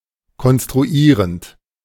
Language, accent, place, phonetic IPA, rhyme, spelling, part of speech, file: German, Germany, Berlin, [kɔnstʁuˈiːʁənt], -iːʁənt, konstruierend, verb, De-konstruierend.ogg
- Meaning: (verb) present participle of konstruieren; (adjective) 1. constructing 2. construing